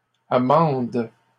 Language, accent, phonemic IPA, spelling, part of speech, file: French, Canada, /a.mɑ̃d/, amendent, verb, LL-Q150 (fra)-amendent.wav
- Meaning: third-person plural present indicative/subjunctive of amender